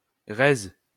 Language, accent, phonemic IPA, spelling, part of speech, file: French, France, /ʁe/, rez, noun, LL-Q150 (fra)-rez.wav
- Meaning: ground floor